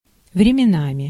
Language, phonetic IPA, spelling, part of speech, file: Russian, [vrʲɪmʲɪˈnamʲɪ], временами, adverb / noun, Ru-временами.ogg
- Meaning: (adverb) at times, from time to time, now and then, every now and then, now and again, sometimes; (noun) instrumental plural of вре́мя (vrémja)